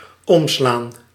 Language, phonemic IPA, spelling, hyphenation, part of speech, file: Dutch, /ˈɔm.slaːn/, omslaan, om‧slaan, verb, Nl-omslaan.ogg
- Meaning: 1. to turn over 2. to turn, to change direction or disposition 3. to knock over 4. to turn over, to be knocked over, to flip